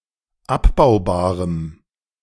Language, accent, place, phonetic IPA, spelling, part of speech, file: German, Germany, Berlin, [ˈapbaʊ̯baːʁəm], abbaubarem, adjective, De-abbaubarem.ogg
- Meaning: strong dative masculine/neuter singular of abbaubar